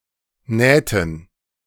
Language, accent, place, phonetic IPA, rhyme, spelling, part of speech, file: German, Germany, Berlin, [ˈnɛːtn̩], -ɛːtn̩, Nähten, noun, De-Nähten.ogg
- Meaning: dative plural of Naht